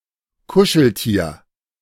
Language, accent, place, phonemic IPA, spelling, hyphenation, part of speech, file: German, Germany, Berlin, /ˈkʊʃl̩ˌtiːɐ̯/, Kuscheltier, Ku‧schel‧tier, noun, De-Kuscheltier.ogg
- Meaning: stuffed animal, soft toy